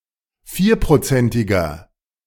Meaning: inflection of vierprozentig: 1. strong/mixed nominative masculine singular 2. strong genitive/dative feminine singular 3. strong genitive plural
- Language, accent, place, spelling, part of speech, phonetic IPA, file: German, Germany, Berlin, vierprozentiger, adjective, [ˈfiːɐ̯pʁoˌt͡sɛntɪɡɐ], De-vierprozentiger.ogg